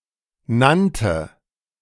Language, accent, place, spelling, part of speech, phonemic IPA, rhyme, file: German, Germany, Berlin, nannte, verb, /ˈnantə/, -tə, De-nannte.ogg
- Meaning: first/third-person singular preterite of nennen